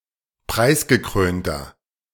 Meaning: 1. comparative degree of preisgekrönt 2. inflection of preisgekrönt: strong/mixed nominative masculine singular 3. inflection of preisgekrönt: strong genitive/dative feminine singular
- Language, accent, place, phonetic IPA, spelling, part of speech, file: German, Germany, Berlin, [ˈpʁaɪ̯sɡəˌkʁøːntɐ], preisgekrönter, adjective, De-preisgekrönter.ogg